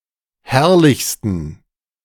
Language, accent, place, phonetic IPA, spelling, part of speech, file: German, Germany, Berlin, [ˈhɛʁlɪçstn̩], herrlichsten, adjective, De-herrlichsten.ogg
- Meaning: 1. superlative degree of herrlich 2. inflection of herrlich: strong genitive masculine/neuter singular superlative degree